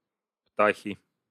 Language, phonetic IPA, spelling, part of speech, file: Russian, [ˈptaxʲɪ], птахи, noun, Ru-птахи.ogg
- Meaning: 1. inflection of пта́ха (ptáxa): genitive singular 2. inflection of пта́ха (ptáxa): nominative plural 3. nominative plural of птах (ptax)